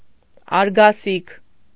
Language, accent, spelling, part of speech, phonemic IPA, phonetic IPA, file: Armenian, Eastern Armenian, արգասիք, noun, /ɑɾɡɑˈsikʰ/, [ɑɾɡɑsíkʰ], Hy-արգասիք.ogg
- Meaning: 1. product, fruit of labour 2. result 3. harvest, yield, crop 4. quotient